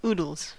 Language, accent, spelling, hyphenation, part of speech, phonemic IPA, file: English, General American, oodles, oo‧dles, noun, /ˈuːd(ə)lz/, En-us-oodles.ogg
- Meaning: 1. unspecified large amount, number, or quantity; lots, tons 2. plural of oodle